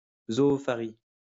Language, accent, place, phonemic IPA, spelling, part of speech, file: French, France, Lyon, /zo.o.fa.ʁi/, zoofari, noun, LL-Q150 (fra)-zoofari.wav
- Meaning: zoofari